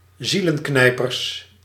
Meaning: plural of zielenknijper
- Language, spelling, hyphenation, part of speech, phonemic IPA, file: Dutch, zielenknijpers, zie‧len‧knij‧pers, noun, /ˈzilə(n)ˌknɛipərs/, Nl-zielenknijpers.ogg